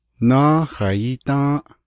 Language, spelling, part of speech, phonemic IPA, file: Navajo, nááhaiídą́ą́ʼ, adverb, /nɑ́ːhɑ̀ǐːtɑ̃́ːʔ/, Nv-nááhaiídą́ą́ʼ.ogg
- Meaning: year(s) ago (number of years before present)